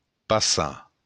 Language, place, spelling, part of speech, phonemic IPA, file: Occitan, Béarn, passar, verb, /paˈsa/, LL-Q14185 (oci)-passar.wav
- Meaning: to pass (by)